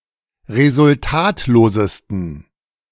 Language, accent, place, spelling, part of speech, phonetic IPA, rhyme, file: German, Germany, Berlin, resultatlosesten, adjective, [ʁezʊlˈtaːtloːzəstn̩], -aːtloːzəstn̩, De-resultatlosesten.ogg
- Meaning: 1. superlative degree of resultatlos 2. inflection of resultatlos: strong genitive masculine/neuter singular superlative degree